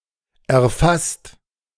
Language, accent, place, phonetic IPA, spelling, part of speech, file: German, Germany, Berlin, [ʔɛɐ̯ˈfast], erfasst, verb, De-erfasst.ogg
- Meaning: 1. past participle of erfassen 2. inflection of erfassen: second/third-person singular present 3. inflection of erfassen: second-person plural present 4. inflection of erfassen: plural imperative